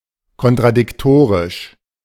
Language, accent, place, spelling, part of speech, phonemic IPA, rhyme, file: German, Germany, Berlin, kontradiktorisch, adjective, /kɔntʁadɪkˈtoːʁɪʃ/, -oːʁɪʃ, De-kontradiktorisch.ogg
- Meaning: contradictory